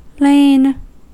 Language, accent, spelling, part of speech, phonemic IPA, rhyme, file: English, US, lain, verb, /leɪn/, -eɪn, En-us-lain.ogg
- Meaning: 1. past participle of lie (“to be oriented in a horizontal position, situated”) 2. past participle of lay (“to put down”) 3. To conceal, keep quiet about